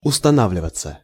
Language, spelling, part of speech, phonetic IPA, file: Russian, устанавливаться, verb, [ʊstɐˈnavlʲɪvət͡sə], Ru-устанавливаться.ogg
- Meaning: 1. to be settled, to be formed, to set in 2. passive of устана́вливать (ustanávlivatʹ) ("be established", "be installed")